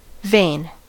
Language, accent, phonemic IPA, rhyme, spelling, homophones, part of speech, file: English, US, /veɪn/, -eɪn, vein, vain, noun / verb, En-us-vein.ogg
- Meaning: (noun) 1. A blood vessel that transports blood from the capillaries back to the heart 2. The entrails of a shrimp 3. In leaves, a thickened portion of the leaf containing the vascular bundle